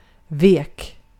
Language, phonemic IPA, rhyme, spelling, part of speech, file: Swedish, /ˈveːk/, -eːk, vek, adjective / verb, Sv-vek.ogg
- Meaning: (adjective) weak; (verb) past indicative of vika